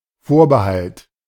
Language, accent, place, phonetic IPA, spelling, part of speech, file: German, Germany, Berlin, [ˈfoːɐ̯bəˌhalt], Vorbehalt, noun, De-Vorbehalt.ogg
- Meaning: caveat